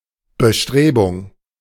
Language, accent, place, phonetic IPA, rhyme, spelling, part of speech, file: German, Germany, Berlin, [bəˈʃtʁeːbʊŋ], -eːbʊŋ, Bestrebung, noun, De-Bestrebung.ogg
- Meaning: 1. attempt, effort 2. aspiration